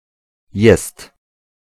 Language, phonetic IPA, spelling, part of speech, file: Polish, [jɛst], jest, verb, Pl-jest.ogg